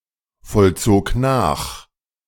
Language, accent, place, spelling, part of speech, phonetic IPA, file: German, Germany, Berlin, vollzog nach, verb, [fɔlˌt͡soːk ˈnaːx], De-vollzog nach.ogg
- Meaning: first/third-person singular preterite of nachvollziehen